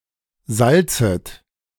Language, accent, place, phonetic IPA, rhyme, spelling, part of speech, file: German, Germany, Berlin, [ˈzalt͡sət], -alt͡sət, salzet, verb, De-salzet.ogg
- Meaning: second-person plural subjunctive I of salzen